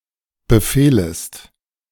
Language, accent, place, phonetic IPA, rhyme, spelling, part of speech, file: German, Germany, Berlin, [bəˈfeːləst], -eːləst, befehlest, verb, De-befehlest.ogg
- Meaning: second-person singular subjunctive I of befehlen